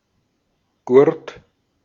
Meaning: strap; belt (tough band, used for purposes other than being worn around the waist)
- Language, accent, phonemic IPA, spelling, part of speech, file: German, Austria, /ɡʊʁt/, Gurt, noun, De-at-Gurt.ogg